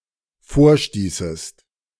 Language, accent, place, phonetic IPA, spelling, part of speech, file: German, Germany, Berlin, [ˈfoːɐ̯ˌʃtiːsəst], vorstießest, verb, De-vorstießest.ogg
- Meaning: second-person singular dependent subjunctive II of vorstoßen